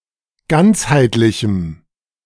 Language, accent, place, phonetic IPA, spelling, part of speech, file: German, Germany, Berlin, [ˈɡant͡shaɪ̯tlɪçm̩], ganzheitlichem, adjective, De-ganzheitlichem.ogg
- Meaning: strong dative masculine/neuter singular of ganzheitlich